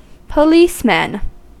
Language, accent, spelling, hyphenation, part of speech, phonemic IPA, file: English, US, policeman, po‧lice‧man, noun, /pəˈliːsmən/, En-us-policeman.ogg
- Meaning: 1. A police officer, usually a male 2. A glass rod capped at one end with rubber, used in a chemistry laboratory for gravimetric analysis 3. Any skipper of the genus Coeliades 4. Synonym of enforcer